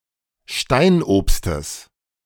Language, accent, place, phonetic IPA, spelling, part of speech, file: German, Germany, Berlin, [ˈʃtaɪ̯nʔoːpstəs], Steinobstes, noun, De-Steinobstes.ogg
- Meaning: genitive of Steinobst